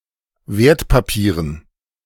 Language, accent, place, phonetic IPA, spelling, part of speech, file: German, Germany, Berlin, [ˈveːɐ̯tpaˌpiːʁən], Wertpapieren, noun, De-Wertpapieren.ogg
- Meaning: dative plural of Wertpapier